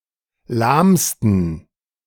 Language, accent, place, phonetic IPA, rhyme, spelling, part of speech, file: German, Germany, Berlin, [ˈlaːmstn̩], -aːmstn̩, lahmsten, adjective, De-lahmsten.ogg
- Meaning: 1. superlative degree of lahm 2. inflection of lahm: strong genitive masculine/neuter singular superlative degree